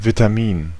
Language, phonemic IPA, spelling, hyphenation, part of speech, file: German, /(ˌ)vitaˈmiːn/, Vitamin, Vi‧t‧a‧min, noun, De-Vitamin.ogg
- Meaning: vitamin